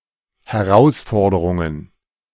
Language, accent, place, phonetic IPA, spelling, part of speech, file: German, Germany, Berlin, [hɛˈʁaʊ̯sˌfɔʁdəʁʊŋən], Herausforderungen, noun, De-Herausforderungen.ogg
- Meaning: plural of Herausforderung